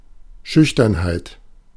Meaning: shyness
- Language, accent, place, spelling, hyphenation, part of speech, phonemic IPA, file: German, Germany, Berlin, Schüchternheit, Schüch‧tern‧heit, noun, /ˈʃʏçtɐnhaɪ̯t/, De-Schüchternheit.ogg